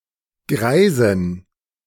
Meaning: dative plural of Greis
- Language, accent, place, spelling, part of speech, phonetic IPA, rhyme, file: German, Germany, Berlin, Greisen, noun, [ˈɡʁaɪ̯zn̩], -aɪ̯zn̩, De-Greisen.ogg